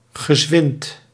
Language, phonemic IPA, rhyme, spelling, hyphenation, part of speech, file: Dutch, /ɣəˈzʋɪnt/, -ɪnt, gezwind, ge‧zwind, adjective, Nl-gezwind.ogg
- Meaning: rapid, brisk